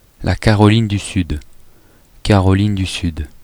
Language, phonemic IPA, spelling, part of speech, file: French, /ka.ʁɔ.lin dy syd/, Caroline du Sud, proper noun, Fr-Caroline du Sud.oga
- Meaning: South Carolina (a state of the United States)